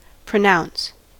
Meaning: 1. To declare formally, officially or ceremoniously 2. To declare authoritatively, or as a formal expert opinion 3. To declare authoritatively, or as a formal expert opinion.: To pronounce dead
- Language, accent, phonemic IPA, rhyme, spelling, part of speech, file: English, US, /pɹəˈnaʊns/, -aʊns, pronounce, verb, En-us-pronounce.ogg